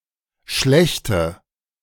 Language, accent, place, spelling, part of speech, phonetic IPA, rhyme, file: German, Germany, Berlin, schlechte, adjective, [ˈʃlɛçtə], -ɛçtə, De-schlechte.ogg
- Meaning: inflection of schlecht: 1. strong/mixed nominative/accusative feminine singular 2. strong nominative/accusative plural 3. weak nominative all-gender singular